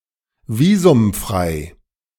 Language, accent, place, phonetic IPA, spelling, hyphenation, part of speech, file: German, Germany, Berlin, [ˈviːzʊmˌfʁaɪ̯], visumfrei, vi‧sum‧frei, adjective, De-visumfrei.ogg
- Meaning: visa-free